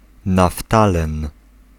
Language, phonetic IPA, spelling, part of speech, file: Polish, [naˈftalɛ̃n], naftalen, noun, Pl-naftalen.ogg